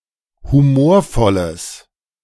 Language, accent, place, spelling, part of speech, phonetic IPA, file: German, Germany, Berlin, humorvolles, adjective, [huˈmoːɐ̯ˌfɔləs], De-humorvolles.ogg
- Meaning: strong/mixed nominative/accusative neuter singular of humorvoll